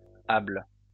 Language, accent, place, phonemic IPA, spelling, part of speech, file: French, France, Lyon, /abl/, -able, suffix, LL-Q150 (fra)--able.wav
- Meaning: -able